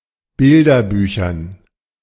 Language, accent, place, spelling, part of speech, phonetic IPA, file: German, Germany, Berlin, Bilderbüchern, noun, [ˈbɪldɐˌbyːçɐn], De-Bilderbüchern.ogg
- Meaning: dative plural of Bilderbuch